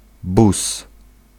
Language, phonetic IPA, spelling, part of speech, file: Polish, [bus], bus, noun, Pl-bus.ogg